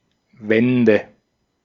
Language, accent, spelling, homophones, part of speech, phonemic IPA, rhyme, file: German, Austria, Wände, Wende / wende, noun, /ˈvɛndə/, -ɛndə, De-at-Wände.ogg
- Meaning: nominative/accusative/genitive plural of Wand